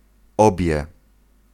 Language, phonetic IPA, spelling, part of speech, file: Polish, [ˈɔbʲjɛ], obie, numeral, Pl-obie.ogg